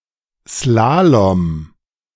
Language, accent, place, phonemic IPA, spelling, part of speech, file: German, Germany, Berlin, /ˈslaːlɔm/, Slalom, noun, De-Slalom.ogg
- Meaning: 1. slalom 2. slalom: obstacle course, zigzag